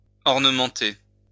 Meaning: to ornement
- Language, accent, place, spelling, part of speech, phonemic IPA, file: French, France, Lyon, ornementer, verb, /ɔʁ.nə.mɑ̃.te/, LL-Q150 (fra)-ornementer.wav